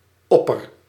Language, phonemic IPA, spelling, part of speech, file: Dutch, /ɔpər/, opper-, prefix, Nl-opper-.ogg
- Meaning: 1. highest, uppermost, supreme 2. most